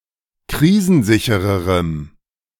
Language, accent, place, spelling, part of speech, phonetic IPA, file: German, Germany, Berlin, krisensichererem, adjective, [ˈkʁiːzn̩ˌzɪçəʁəʁəm], De-krisensichererem.ogg
- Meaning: strong dative masculine/neuter singular comparative degree of krisensicher